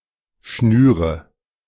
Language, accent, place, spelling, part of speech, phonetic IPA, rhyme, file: German, Germany, Berlin, schnüre, verb, [ˈʃnyːʁə], -yːʁə, De-schnüre.ogg
- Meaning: inflection of schnüren: 1. first-person singular present 2. singular imperative 3. first/third-person singular subjunctive I